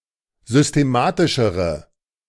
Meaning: inflection of systematisch: 1. strong/mixed nominative/accusative feminine singular comparative degree 2. strong nominative/accusative plural comparative degree
- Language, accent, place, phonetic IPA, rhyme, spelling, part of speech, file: German, Germany, Berlin, [zʏsteˈmaːtɪʃəʁə], -aːtɪʃəʁə, systematischere, adjective, De-systematischere.ogg